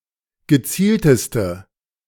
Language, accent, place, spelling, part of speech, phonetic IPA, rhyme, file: German, Germany, Berlin, gezielteste, adjective, [ɡəˈt͡siːltəstə], -iːltəstə, De-gezielteste.ogg
- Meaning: inflection of gezielt: 1. strong/mixed nominative/accusative feminine singular superlative degree 2. strong nominative/accusative plural superlative degree